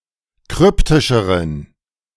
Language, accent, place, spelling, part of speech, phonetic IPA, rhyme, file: German, Germany, Berlin, kryptischeren, adjective, [ˈkʁʏptɪʃəʁən], -ʏptɪʃəʁən, De-kryptischeren.ogg
- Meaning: inflection of kryptisch: 1. strong genitive masculine/neuter singular comparative degree 2. weak/mixed genitive/dative all-gender singular comparative degree